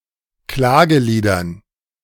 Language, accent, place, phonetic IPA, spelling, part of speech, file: German, Germany, Berlin, [ˈklaːɡəˌliːdɐn], Klageliedern, noun, De-Klageliedern.ogg
- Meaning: dative plural of Klagelied